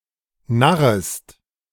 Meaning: second-person singular subjunctive I of narren
- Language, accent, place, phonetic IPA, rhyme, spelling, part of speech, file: German, Germany, Berlin, [ˈnaʁəst], -aʁəst, narrest, verb, De-narrest.ogg